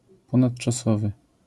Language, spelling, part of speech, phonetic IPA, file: Polish, ponadczasowy, adjective, [ˌpɔ̃naṭt͡ʃaˈsɔvɨ], LL-Q809 (pol)-ponadczasowy.wav